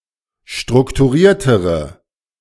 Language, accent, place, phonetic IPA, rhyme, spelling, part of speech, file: German, Germany, Berlin, [ˌʃtʁʊktuˈʁiːɐ̯təʁə], -iːɐ̯təʁə, strukturiertere, adjective, De-strukturiertere.ogg
- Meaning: inflection of strukturiert: 1. strong/mixed nominative/accusative feminine singular comparative degree 2. strong nominative/accusative plural comparative degree